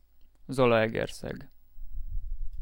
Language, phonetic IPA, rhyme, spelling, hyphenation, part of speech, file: Hungarian, [ˈzɒlɒɛɡɛrsɛɡ], -ɛɡ, Zalaegerszeg, Za‧la‧eger‧szeg, proper noun, Hu-Zalaegerszeg.ogg
- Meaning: a city and the administrative seat of Zala county in western Hungary